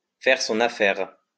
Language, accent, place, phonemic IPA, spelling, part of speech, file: French, France, Lyon, /fɛʁ sɔ̃.n‿a.fɛʁ/, faire son affaire, verb, LL-Q150 (fra)-faire son affaire.wav
- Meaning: 1. to assume responsibility 2. to kill 3. to do one's thing: to take a dump or a leak 4. to do one's thing: to dip one's wick; to blow one's load, to dump one's load, to shoot one's wad